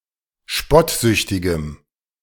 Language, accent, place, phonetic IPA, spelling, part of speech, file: German, Germany, Berlin, [ˈʃpɔtˌzʏçtɪɡəm], spottsüchtigem, adjective, De-spottsüchtigem.ogg
- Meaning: strong dative masculine/neuter singular of spottsüchtig